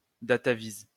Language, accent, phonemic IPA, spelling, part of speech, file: French, France, /da.ta.viz/, dataviz, noun, LL-Q150 (fra)-dataviz.wav
- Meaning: clipping of datavisualisation